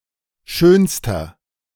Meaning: inflection of schön: 1. strong/mixed nominative masculine singular superlative degree 2. strong genitive/dative feminine singular superlative degree 3. strong genitive plural superlative degree
- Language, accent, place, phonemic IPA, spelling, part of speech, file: German, Germany, Berlin, /ˈʃøːnstɐ/, schönster, adjective, De-schönster.ogg